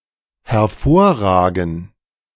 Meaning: 1. to protrude, to stick out (towards the speaker) 2. to stand out (to the speaker)
- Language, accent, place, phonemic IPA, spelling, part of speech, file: German, Germany, Berlin, /hɛɐ̯ˈfoːɐ̯ˌʁaːɡn̩/, hervorragen, verb, De-hervorragen.ogg